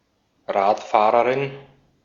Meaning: female cyclist
- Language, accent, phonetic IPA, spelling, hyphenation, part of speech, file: German, Austria, [ˈʁaːtˌfaːʁəʁɪn], Radfahrerin, Rad‧fah‧re‧rin, noun, De-at-Radfahrerin.ogg